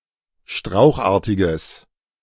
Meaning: strong/mixed nominative/accusative neuter singular of strauchartig
- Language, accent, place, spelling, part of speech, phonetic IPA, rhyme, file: German, Germany, Berlin, strauchartiges, adjective, [ˈʃtʁaʊ̯xˌʔaːɐ̯tɪɡəs], -aʊ̯xʔaːɐ̯tɪɡəs, De-strauchartiges.ogg